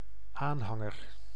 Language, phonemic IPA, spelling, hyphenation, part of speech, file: Dutch, /ˈaːnˌɦɑ.ŋər/, aanhanger, aan‧han‧ger, noun, Nl-aanhanger.ogg
- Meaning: 1. partisan, adherent 2. trailer (open-roof vehicle towed behind another vehicle)